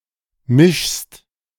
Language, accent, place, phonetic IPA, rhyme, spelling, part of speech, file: German, Germany, Berlin, [mɪʃst], -ɪʃst, mischst, verb, De-mischst.ogg
- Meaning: second-person singular present of mischen